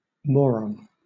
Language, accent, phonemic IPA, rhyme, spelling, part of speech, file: English, Southern England, /ˈmɔːɹɒn/, -ɔːɹɒn, moron, noun, LL-Q1860 (eng)-moron.wav
- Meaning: 1. A stupid person; an idiot; a fool 2. A person of mild mental subnormality in the former classification of mental retardation, having an intelligence quotient of 50–70